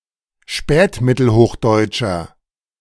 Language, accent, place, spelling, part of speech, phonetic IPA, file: German, Germany, Berlin, spätmittelhochdeutscher, adjective, [ˈʃpɛːtmɪtl̩ˌhoːxdɔɪ̯t͡ʃɐ], De-spätmittelhochdeutscher.ogg
- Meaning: inflection of spätmittelhochdeutsch: 1. strong/mixed nominative masculine singular 2. strong genitive/dative feminine singular 3. strong genitive plural